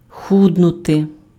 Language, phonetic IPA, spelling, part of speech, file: Ukrainian, [ˈxudnʊte], худнути, verb, Uk-худнути.ogg
- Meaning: to get thin, to grow thin, to lose weight